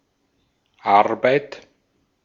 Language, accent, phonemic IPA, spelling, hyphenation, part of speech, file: German, Austria, /ˈaʁbaɪ̯t/, Arbeit, Ar‧beit, noun, De-at-Arbeit.ogg
- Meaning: 1. toil, regularly performed work, regularly pursued economic activity, labor, job, employment, occupation 2. job, task, assignment 3. effort, work, human expenditure